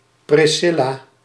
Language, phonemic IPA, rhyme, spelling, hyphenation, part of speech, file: Dutch, /ˌprɪˈsɪ.laː/, -ɪlaː, Priscilla, Pris‧cil‧la, proper noun, Nl-Priscilla.ogg
- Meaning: 1. Priscilla (Biblical character from Acts) 2. a female given name from Latin